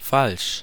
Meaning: 1. false, unfactual, untrue 2. wrong (incorrect) 3. wrong (disadvantageous) 4. wrong (immoral) 5. fake, forged 6. untruthful, perfidious
- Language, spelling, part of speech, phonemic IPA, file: German, falsch, adjective, /falʃ/, De-falsch.ogg